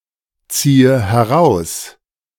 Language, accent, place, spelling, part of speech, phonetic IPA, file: German, Germany, Berlin, ziehe heraus, verb, [ˌt͡siːə hɛˈʁaʊ̯s], De-ziehe heraus.ogg
- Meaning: inflection of herausziehen: 1. first-person singular present 2. first/third-person singular subjunctive I 3. singular imperative